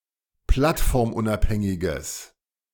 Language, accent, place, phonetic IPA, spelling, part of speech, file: German, Germany, Berlin, [ˈplatfɔʁmˌʔʊnʔaphɛŋɪɡəs], plattformunabhängiges, adjective, De-plattformunabhängiges.ogg
- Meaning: strong/mixed nominative/accusative neuter singular of plattformunabhängig